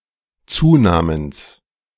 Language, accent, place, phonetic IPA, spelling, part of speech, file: German, Germany, Berlin, [ˈt͡suːˌnaːməns], Zunamens, noun, De-Zunamens.ogg
- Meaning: genitive of Zuname